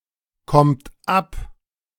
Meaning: inflection of abkommen: 1. third-person singular present 2. second-person plural present 3. plural imperative
- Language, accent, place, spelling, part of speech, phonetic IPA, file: German, Germany, Berlin, kommt ab, verb, [ˌkɔmt ˈap], De-kommt ab.ogg